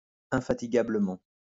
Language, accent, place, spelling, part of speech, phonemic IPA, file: French, France, Lyon, infatigablement, adverb, /ɛ̃.fa.ti.ɡa.blə.mɑ̃/, LL-Q150 (fra)-infatigablement.wav
- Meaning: tirelessly, indefatigably